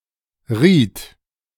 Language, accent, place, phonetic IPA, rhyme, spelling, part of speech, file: German, Germany, Berlin, [ʁiːt], -iːt, rieht, verb, De-rieht.ogg
- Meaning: second-person plural preterite of reihen